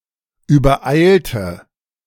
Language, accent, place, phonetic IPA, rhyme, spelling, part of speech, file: German, Germany, Berlin, [yːbɐˈʔaɪ̯ltə], -aɪ̯ltə, übereilte, adjective / verb, De-übereilte.ogg
- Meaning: inflection of übereilt: 1. strong/mixed nominative/accusative feminine singular 2. strong nominative/accusative plural 3. weak nominative all-gender singular